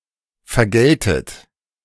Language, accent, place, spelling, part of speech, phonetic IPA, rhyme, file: German, Germany, Berlin, vergältet, verb, [fɛɐ̯ˈɡɛltət], -ɛltət, De-vergältet.ogg
- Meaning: second-person plural subjunctive II of vergelten